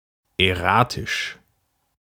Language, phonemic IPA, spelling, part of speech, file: German, /ɛˈʁaːtɪʃ/, erratisch, adjective, De-erratisch.ogg
- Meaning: erratic